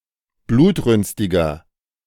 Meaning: 1. comparative degree of blutrünstig 2. inflection of blutrünstig: strong/mixed nominative masculine singular 3. inflection of blutrünstig: strong genitive/dative feminine singular
- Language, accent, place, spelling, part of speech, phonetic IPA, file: German, Germany, Berlin, blutrünstiger, adjective, [ˈbluːtˌʁʏnstɪɡɐ], De-blutrünstiger.ogg